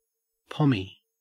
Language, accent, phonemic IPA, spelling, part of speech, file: English, Australia, /pɒmi/, pommie, noun / adjective, En-au-pommie.ogg
- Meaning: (noun) An English immigrant; a pom; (adjective) English; British